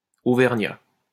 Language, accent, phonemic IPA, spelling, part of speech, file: French, France, /o.vɛʁ.ɲa/, Auvergnat, noun, LL-Q150 (fra)-Auvergnat.wav
- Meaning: Auvergnese (native or inhabitant of Auvergne, a cultural region, part of the administrative region of Auvergne-Rhône-Alpes, France) (usually male)